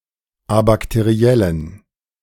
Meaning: inflection of abakteriell: 1. strong genitive masculine/neuter singular 2. weak/mixed genitive/dative all-gender singular 3. strong/weak/mixed accusative masculine singular 4. strong dative plural
- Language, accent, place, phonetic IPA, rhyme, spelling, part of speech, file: German, Germany, Berlin, [abaktəˈʁi̯ɛlən], -ɛlən, abakteriellen, adjective, De-abakteriellen.ogg